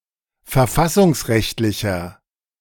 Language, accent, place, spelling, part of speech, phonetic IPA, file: German, Germany, Berlin, verfassungsrechtlicher, adjective, [fɛɐ̯ˈfasʊŋsˌʁɛçtlɪçɐ], De-verfassungsrechtlicher.ogg
- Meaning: inflection of verfassungsrechtlich: 1. strong/mixed nominative masculine singular 2. strong genitive/dative feminine singular 3. strong genitive plural